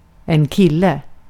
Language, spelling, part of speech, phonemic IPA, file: Swedish, kille, noun, /²kɪlːɛ/, Sv-kille.ogg
- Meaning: 1. a boy 2. a (younger) adult male person; a guy 3. a boyfriend